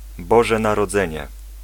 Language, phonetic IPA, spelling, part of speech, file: Polish, [ˈbɔʒɛ ˌnarɔˈd͡zɛ̃ɲɛ], Boże Narodzenie, proper noun, Pl-Boże Narodzenie.ogg